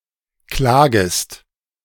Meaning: second-person singular subjunctive I of klagen
- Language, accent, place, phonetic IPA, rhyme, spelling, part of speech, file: German, Germany, Berlin, [ˈklaːɡəst], -aːɡəst, klagest, verb, De-klagest.ogg